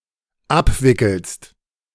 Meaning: second-person singular dependent present of abwickeln
- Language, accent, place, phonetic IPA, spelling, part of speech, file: German, Germany, Berlin, [ˈapˌvɪkl̩st], abwickelst, verb, De-abwickelst.ogg